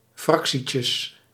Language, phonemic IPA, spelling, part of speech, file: Dutch, /ˈfrɑksicəs/, fractietjes, noun, Nl-fractietjes.ogg
- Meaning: plural of fractietje